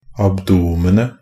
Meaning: definite singular of abdomen
- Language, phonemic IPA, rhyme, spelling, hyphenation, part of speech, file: Norwegian Bokmål, /abˈduːmənə/, -ənə, abdomenet, ab‧do‧men‧et, noun, NB - Pronunciation of Norwegian Bokmål «abdomenet».ogg